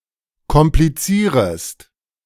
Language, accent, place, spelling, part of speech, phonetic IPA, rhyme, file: German, Germany, Berlin, komplizierest, verb, [kɔmpliˈt͡siːʁəst], -iːʁəst, De-komplizierest.ogg
- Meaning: second-person singular subjunctive I of komplizieren